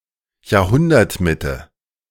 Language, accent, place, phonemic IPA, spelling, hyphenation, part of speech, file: German, Germany, Berlin, /jaːɐ̯ˈhʊndɐtˌmɪtə/, Jahrhundertmitte, Jahr‧hun‧dert‧mit‧te, noun, De-Jahrhundertmitte.ogg
- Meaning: middle of the century